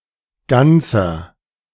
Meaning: inflection of ganz: 1. strong/mixed nominative masculine singular 2. strong genitive/dative feminine singular 3. strong genitive plural
- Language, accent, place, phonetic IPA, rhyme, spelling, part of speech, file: German, Germany, Berlin, [ˈɡant͡sɐ], -ant͡sɐ, ganzer, adjective, De-ganzer.ogg